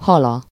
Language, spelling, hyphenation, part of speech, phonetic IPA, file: Hungarian, hala, ha‧la, noun, [ˈhɒlɒ], Hu-hala.ogg
- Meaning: third-person singular single-possession possessive of hal